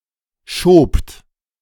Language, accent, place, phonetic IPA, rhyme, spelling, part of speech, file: German, Germany, Berlin, [ʃoːpt], -oːpt, schobt, verb, De-schobt.ogg
- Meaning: second-person plural preterite of schieben